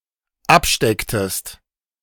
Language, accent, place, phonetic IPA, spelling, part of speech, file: German, Germany, Berlin, [ˈapˌʃtɛktəst], abstecktest, verb, De-abstecktest.ogg
- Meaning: inflection of abstecken: 1. second-person singular dependent preterite 2. second-person singular dependent subjunctive II